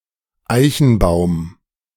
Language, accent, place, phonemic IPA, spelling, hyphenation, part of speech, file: German, Germany, Berlin, /ˈaɪ̯çn̩ˌbaʊ̯m/, Eichenbaum, Ei‧chen‧baum, noun, De-Eichenbaum.ogg
- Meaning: oak tree